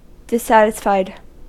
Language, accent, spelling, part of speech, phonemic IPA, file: English, US, dissatisfied, adjective / verb, /dɪsˈsætɪsˌfaɪd/, En-us-dissatisfied.ogg
- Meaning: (adjective) 1. Feeling or displaying disappointment or a lack of contentment 2. Not satisfied (e.g. with the quality of something); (verb) simple past and past participle of dissatisfy